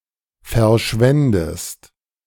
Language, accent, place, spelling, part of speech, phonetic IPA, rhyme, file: German, Germany, Berlin, verschwändest, verb, [fɛɐ̯ˈʃvɛndəst], -ɛndəst, De-verschwändest.ogg
- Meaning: second-person singular subjunctive II of verschwinden